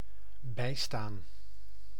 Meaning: 1. to assist 2. to stand by or nearby
- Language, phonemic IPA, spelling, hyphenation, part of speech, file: Dutch, /ˈbɛi̯staːn/, bijstaan, bij‧staan, verb, Nl-bijstaan.ogg